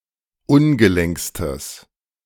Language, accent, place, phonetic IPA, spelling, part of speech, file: German, Germany, Berlin, [ˈʊnɡəˌlɛŋkstəs], ungelenkstes, adjective, De-ungelenkstes.ogg
- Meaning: strong/mixed nominative/accusative neuter singular superlative degree of ungelenk